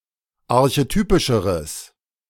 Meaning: strong/mixed nominative/accusative neuter singular comparative degree of archetypisch
- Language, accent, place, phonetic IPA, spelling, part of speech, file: German, Germany, Berlin, [aʁçeˈtyːpɪʃəʁəs], archetypischeres, adjective, De-archetypischeres.ogg